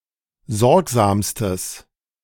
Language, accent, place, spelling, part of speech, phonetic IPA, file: German, Germany, Berlin, sorgsamstes, adjective, [ˈzɔʁkzaːmstəs], De-sorgsamstes.ogg
- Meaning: strong/mixed nominative/accusative neuter singular superlative degree of sorgsam